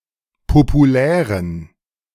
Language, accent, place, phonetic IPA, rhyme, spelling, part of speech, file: German, Germany, Berlin, [popuˈlɛːʁən], -ɛːʁən, populären, adjective, De-populären.ogg
- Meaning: inflection of populär: 1. strong genitive masculine/neuter singular 2. weak/mixed genitive/dative all-gender singular 3. strong/weak/mixed accusative masculine singular 4. strong dative plural